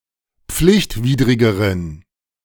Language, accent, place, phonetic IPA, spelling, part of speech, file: German, Germany, Berlin, [ˈp͡flɪçtˌviːdʁɪɡəʁən], pflichtwidrigeren, adjective, De-pflichtwidrigeren.ogg
- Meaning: inflection of pflichtwidrig: 1. strong genitive masculine/neuter singular comparative degree 2. weak/mixed genitive/dative all-gender singular comparative degree